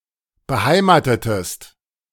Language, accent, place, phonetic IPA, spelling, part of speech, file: German, Germany, Berlin, [bəˈhaɪ̯maːtətəst], beheimatetest, verb, De-beheimatetest.ogg
- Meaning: inflection of beheimaten: 1. second-person singular preterite 2. second-person singular subjunctive II